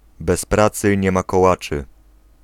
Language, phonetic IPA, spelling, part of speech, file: Polish, [bɛs‿ˈprat͡sɨ ˈɲɛ‿ma kɔˈwat͡ʃɨ], bez pracy nie ma kołaczy, proverb, Pl-bez pracy nie ma kołaczy.ogg